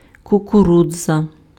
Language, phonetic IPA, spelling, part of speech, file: Ukrainian, [kʊkʊˈrud͡zɐ], кукурудза, noun, Uk-кукурудза.ogg
- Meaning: 1. maize, corn 2. corn (a cereal of the species Zea mays or its grains)